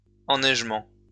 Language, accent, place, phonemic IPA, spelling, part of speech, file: French, France, Lyon, /ɑ̃.nɛʒ.mɑ̃/, enneigement, noun, LL-Q150 (fra)-enneigement.wav
- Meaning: 1. snowfall 2. snow cover